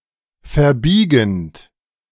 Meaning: present participle of verbiegen
- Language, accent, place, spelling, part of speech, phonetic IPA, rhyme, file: German, Germany, Berlin, verbiegend, verb, [fɛɐ̯ˈbiːɡn̩t], -iːɡn̩t, De-verbiegend.ogg